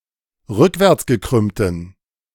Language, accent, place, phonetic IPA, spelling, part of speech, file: German, Germany, Berlin, [ˈʁʏkvɛʁt͡sɡəˌkʁʏmtn̩], rückwärtsgekrümmten, adjective, De-rückwärtsgekrümmten.ogg
- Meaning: inflection of rückwärtsgekrümmt: 1. strong genitive masculine/neuter singular 2. weak/mixed genitive/dative all-gender singular 3. strong/weak/mixed accusative masculine singular